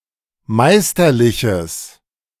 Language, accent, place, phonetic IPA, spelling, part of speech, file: German, Germany, Berlin, [ˈmaɪ̯stɐˌlɪçəs], meisterliches, adjective, De-meisterliches.ogg
- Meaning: strong/mixed nominative/accusative neuter singular of meisterlich